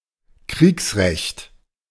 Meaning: 1. martial law 2. laws of war
- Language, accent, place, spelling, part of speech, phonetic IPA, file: German, Germany, Berlin, Kriegsrecht, noun, [ˈkʁiːksˌʁɛçt], De-Kriegsrecht.ogg